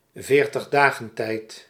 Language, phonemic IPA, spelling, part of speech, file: Dutch, /vertəɣˈdaɣəntɛit/, veertigdagentijd, noun, Nl-veertigdagentijd.ogg
- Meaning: Lent (fast before Easter)